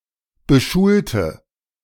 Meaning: inflection of beschulen: 1. first/third-person singular preterite 2. first/third-person singular subjunctive II
- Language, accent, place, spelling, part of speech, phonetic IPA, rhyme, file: German, Germany, Berlin, beschulte, adjective / verb, [bəˈʃuːltə], -uːltə, De-beschulte.ogg